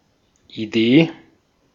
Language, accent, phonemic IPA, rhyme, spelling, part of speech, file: German, Austria, /iˈdeː/, -eː, Idee, noun, De-at-Idee.ogg
- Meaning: idea